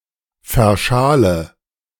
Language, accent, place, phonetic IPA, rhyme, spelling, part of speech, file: German, Germany, Berlin, [fɛɐ̯ˈʃaːlə], -aːlə, verschale, verb, De-verschale.ogg
- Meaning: inflection of verschalen: 1. first-person singular present 2. first/third-person singular subjunctive I 3. singular imperative